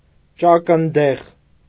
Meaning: beet, Beta vulgaris (plant); beetroot
- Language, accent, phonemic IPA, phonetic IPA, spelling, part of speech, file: Armenian, Eastern Armenian, /t͡ʃɑkənˈdeʁ/, [t͡ʃɑkəndéʁ], ճակնդեղ, noun, Hy-ճակնդեղ.ogg